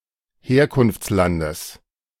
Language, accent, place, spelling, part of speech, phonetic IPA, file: German, Germany, Berlin, Herkunftslandes, noun, [ˈheːɐ̯kʊnft͡sˌlandəs], De-Herkunftslandes.ogg
- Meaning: genitive singular of Herkunftsland